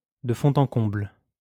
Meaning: from top to bottom, from wall to wall, thoroughly
- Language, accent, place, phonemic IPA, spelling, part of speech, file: French, France, Lyon, /də fɔ̃.t‿ɑ̃ kɔ̃bl/, de fond en comble, adverb, LL-Q150 (fra)-de fond en comble.wav